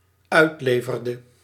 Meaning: inflection of uitleveren: 1. singular dependent-clause past indicative 2. singular dependent-clause past subjunctive
- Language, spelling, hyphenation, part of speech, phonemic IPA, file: Dutch, uitleverde, uit‧le‧ver‧de, verb, /ˈœy̯tˌleː.vər.də/, Nl-uitleverde.ogg